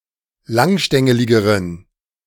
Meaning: inflection of langstängelig: 1. strong genitive masculine/neuter singular comparative degree 2. weak/mixed genitive/dative all-gender singular comparative degree
- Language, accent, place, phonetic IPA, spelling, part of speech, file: German, Germany, Berlin, [ˈlaŋˌʃtɛŋəlɪɡəʁən], langstängeligeren, adjective, De-langstängeligeren.ogg